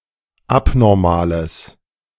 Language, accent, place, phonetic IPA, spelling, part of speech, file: German, Germany, Berlin, [ˈapnɔʁmaːləs], abnormales, adjective, De-abnormales.ogg
- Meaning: strong/mixed nominative/accusative neuter singular of abnormal